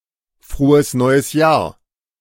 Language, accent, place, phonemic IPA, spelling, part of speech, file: German, Germany, Berlin, /ˌfʁoːəs ˌnɔɪ̯əs ˈjaːɐ̯/, frohes neues Jahr, phrase, De-frohes neues Jahr.ogg
- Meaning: Happy New Year